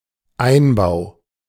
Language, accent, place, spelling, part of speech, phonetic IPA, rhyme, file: German, Germany, Berlin, Einbau, noun, [ˈaɪ̯nˌbaʊ̯], -aɪ̯nbaʊ̯, De-Einbau.ogg
- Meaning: installation, fitting, fixture, assembly